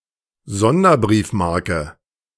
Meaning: commemorative stamp, special issue
- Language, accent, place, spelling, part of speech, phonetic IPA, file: German, Germany, Berlin, Sonderbriefmarke, noun, [ˈzɔndɐˌbʁiːfmaʁkə], De-Sonderbriefmarke.ogg